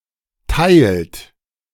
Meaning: inflection of teilen: 1. third-person singular present 2. second-person plural present 3. plural imperative
- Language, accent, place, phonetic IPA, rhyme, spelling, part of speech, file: German, Germany, Berlin, [taɪ̯lt], -aɪ̯lt, teilt, verb, De-teilt.ogg